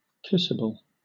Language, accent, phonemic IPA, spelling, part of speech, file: English, Southern England, /ˈkɪsəbəl/, kissable, adjective, LL-Q1860 (eng)-kissable.wav
- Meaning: 1. Capable of being kissed 2. Attractive, so as to invite kissing